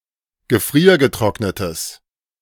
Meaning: strong/mixed nominative/accusative neuter singular of gefriergetrocknet
- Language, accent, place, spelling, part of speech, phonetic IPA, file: German, Germany, Berlin, gefriergetrocknetes, adjective, [ɡəˈfʁiːɐ̯ɡəˌtʁɔknətəs], De-gefriergetrocknetes.ogg